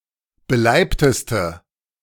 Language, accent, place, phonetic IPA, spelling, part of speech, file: German, Germany, Berlin, [bəˈlaɪ̯ptəstə], beleibteste, adjective, De-beleibteste.ogg
- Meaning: inflection of beleibt: 1. strong/mixed nominative/accusative feminine singular superlative degree 2. strong nominative/accusative plural superlative degree